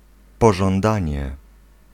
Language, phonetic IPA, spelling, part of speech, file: Polish, [ˌpɔʒɔ̃nˈdãɲɛ], pożądanie, noun, Pl-pożądanie.ogg